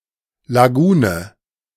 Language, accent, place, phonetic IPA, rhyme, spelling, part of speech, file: German, Germany, Berlin, [ˌlaˈɡuːnə], -uːnə, Lagune, noun, De-Lagune.ogg
- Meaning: lagoon